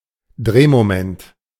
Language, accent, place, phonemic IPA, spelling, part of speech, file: German, Germany, Berlin, /ˈdʁeːmoˌmɛnt/, Drehmoment, noun, De-Drehmoment.ogg
- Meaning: torque